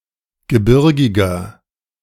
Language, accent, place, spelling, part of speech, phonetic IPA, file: German, Germany, Berlin, gebirgiger, adjective, [ɡəˈbɪʁɡɪɡɐ], De-gebirgiger.ogg
- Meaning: 1. comparative degree of gebirgig 2. inflection of gebirgig: strong/mixed nominative masculine singular 3. inflection of gebirgig: strong genitive/dative feminine singular